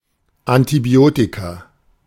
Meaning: plural of Antibiotikum
- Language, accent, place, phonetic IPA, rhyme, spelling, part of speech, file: German, Germany, Berlin, [antiˈbi̯oːtika], -oːtika, Antibiotika, noun, De-Antibiotika.ogg